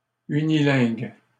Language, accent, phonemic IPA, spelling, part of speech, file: French, Canada, /y.ni.lɛ̃ɡ/, unilingue, adjective, LL-Q150 (fra)-unilingue.wav
- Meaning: unilingual